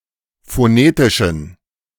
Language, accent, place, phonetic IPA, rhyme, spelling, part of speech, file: German, Germany, Berlin, [foˈneːtɪʃn̩], -eːtɪʃn̩, phonetischen, adjective, De-phonetischen.ogg
- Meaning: inflection of phonetisch: 1. strong genitive masculine/neuter singular 2. weak/mixed genitive/dative all-gender singular 3. strong/weak/mixed accusative masculine singular 4. strong dative plural